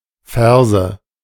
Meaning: nominative/accusative/genitive plural of Vers
- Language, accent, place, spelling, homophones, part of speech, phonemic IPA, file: German, Germany, Berlin, Verse, Ferse, noun, /ˈfɛʁzə/, De-Verse.ogg